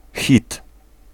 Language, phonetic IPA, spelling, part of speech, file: Polish, [xʲit], hit, noun, Pl-hit.ogg